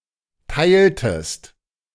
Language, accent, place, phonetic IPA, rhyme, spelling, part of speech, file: German, Germany, Berlin, [ˈtaɪ̯ltəst], -aɪ̯ltəst, teiltest, verb, De-teiltest.ogg
- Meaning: inflection of teilen: 1. second-person singular preterite 2. second-person singular subjunctive II